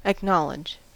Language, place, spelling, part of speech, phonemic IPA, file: English, California, acknowledge, verb, /əkˈnɑ.lɪd͡ʒ/, En-us-acknowledge.ogg
- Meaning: To admit the knowledge of; to recognize as a fact or truth; to declare one's belief in